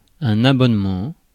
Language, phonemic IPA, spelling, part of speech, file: French, /a.bɔn.mɑ̃/, abonnement, noun, Fr-abonnement.ogg
- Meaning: subscription